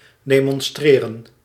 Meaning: 1. to demonstrate, to show 2. to demonstrate, to protest in a group
- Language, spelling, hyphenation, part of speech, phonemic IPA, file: Dutch, demonstreren, de‧mon‧stre‧ren, verb, /deːmɔnˈstreːrə(n)/, Nl-demonstreren.ogg